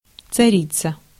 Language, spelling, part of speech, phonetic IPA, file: Russian, царица, noun, [t͡sɐˈrʲit͡sə], Ru-царица.ogg
- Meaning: 1. female equivalent of царь (carʹ): tsarina, tsaritsa 2. empress, queen (in ancient or non-European monarchies) 3. queen